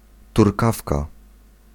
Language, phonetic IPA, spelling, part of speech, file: Polish, [turˈkafka], turkawka, noun, Pl-turkawka.ogg